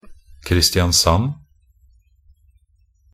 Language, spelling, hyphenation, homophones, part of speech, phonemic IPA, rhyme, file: Norwegian Bokmål, Kristiansand, Kri‧sti‧an‧sand, Christianssand / Christiansand, proper noun, /ˈkrɪstɪansan/, -an, Nb-kristiansand.ogg
- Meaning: 1. Kristiansand (a city and municipality in Agder county, Norway, formerly part of the county of Vest-Agder) 2. Kristiansand (a historical county from 1671 to right before 1700 in Norway)